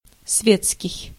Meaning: 1. society, high-society 2. secular, worldly, lay
- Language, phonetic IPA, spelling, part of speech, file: Russian, [ˈsvʲet͡skʲɪj], светский, adjective, Ru-светский.ogg